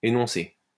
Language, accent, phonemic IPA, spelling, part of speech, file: French, France, /e.nɔ̃.se/, énoncé, noun / verb, LL-Q150 (fra)-énoncé.wav
- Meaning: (noun) utterance; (verb) past participle of énoncer